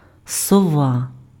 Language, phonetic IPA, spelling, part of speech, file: Ukrainian, [sɔˈʋa], сова, noun, Uk-сова.ogg
- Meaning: owl